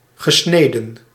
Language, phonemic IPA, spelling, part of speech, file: Dutch, /ɣə.ˈsneː.də(n)/, gesneden, verb / adjective, Nl-gesneden.ogg
- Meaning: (verb) past participle of snijden; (adjective) castrated, castrate